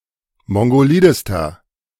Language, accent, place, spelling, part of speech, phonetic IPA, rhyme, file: German, Germany, Berlin, mongolidester, adjective, [ˌmɔŋɡoˈliːdəstɐ], -iːdəstɐ, De-mongolidester.ogg
- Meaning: inflection of mongolid: 1. strong/mixed nominative masculine singular superlative degree 2. strong genitive/dative feminine singular superlative degree 3. strong genitive plural superlative degree